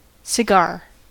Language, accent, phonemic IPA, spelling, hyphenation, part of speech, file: English, US, /sɪˈɡɑɹ/, cigar, ci‧gar, noun, En-us-cigar.ogg
- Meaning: 1. A cylinder of tobacco rolled and wrapped with an outer covering of tobacco leaves, intended to be smoked 2. The penis